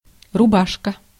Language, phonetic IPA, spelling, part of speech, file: Russian, [rʊˈbaʂkə], рубашка, noun, Ru-рубашка.ogg
- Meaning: 1. button-up shirt 2. chemise 3. back (of a playing card) 4. dust jacket, dustcover (of a book) 5. fetal membranes, amniotic sac 6. jacket 7. harness, straitjacket